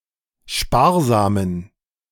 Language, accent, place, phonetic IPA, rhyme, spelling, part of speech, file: German, Germany, Berlin, [ˈʃpaːɐ̯zaːmən], -aːɐ̯zaːmən, sparsamen, adjective, De-sparsamen.ogg
- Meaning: inflection of sparsam: 1. strong genitive masculine/neuter singular 2. weak/mixed genitive/dative all-gender singular 3. strong/weak/mixed accusative masculine singular 4. strong dative plural